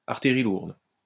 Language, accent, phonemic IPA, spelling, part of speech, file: French, France, /aʁ.tij.ʁi luʁd/, artillerie lourde, noun, LL-Q150 (fra)-artillerie lourde.wav
- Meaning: 1. heavy artillery 2. big guns, heavy artillery